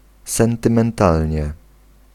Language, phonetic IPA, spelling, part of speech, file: Polish, [ˌsɛ̃ntɨ̃mɛ̃nˈtalʲɲɛ], sentymentalnie, adverb, Pl-sentymentalnie.ogg